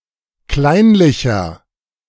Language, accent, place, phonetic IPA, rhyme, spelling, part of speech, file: German, Germany, Berlin, [ˈklaɪ̯nlɪçɐ], -aɪ̯nlɪçɐ, kleinlicher, adjective, De-kleinlicher.ogg
- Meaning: 1. comparative degree of kleinlich 2. inflection of kleinlich: strong/mixed nominative masculine singular 3. inflection of kleinlich: strong genitive/dative feminine singular